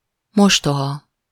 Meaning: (adjective) 1. step- (parent, child, or sibling) 2. hostile, harsh, cruel, adverse (circumstances), hard (fate), ill (luck); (noun) stepmother
- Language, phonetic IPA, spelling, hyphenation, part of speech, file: Hungarian, [ˈmoʃtoɦɒ], mostoha, mos‧to‧ha, adjective / noun, Hu-mostoha.ogg